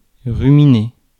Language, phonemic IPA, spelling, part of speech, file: French, /ʁy.mi.ne/, ruminer, verb, Fr-ruminer.ogg
- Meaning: 1. to ruminate (to chew the cud) 2. to ponder, turn over, chew over (in one's mind)